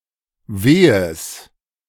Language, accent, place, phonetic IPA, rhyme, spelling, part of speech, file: German, Germany, Berlin, [ˈveːəs], -eːəs, Wehes, noun, De-Wehes.ogg
- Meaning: genitive singular of Weh